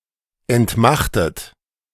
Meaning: 1. past participle of entmachten 2. inflection of entmachten: third-person singular present 3. inflection of entmachten: second-person plural present
- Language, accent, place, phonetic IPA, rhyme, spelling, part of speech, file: German, Germany, Berlin, [ɛntˈmaxtət], -axtət, entmachtet, verb, De-entmachtet.ogg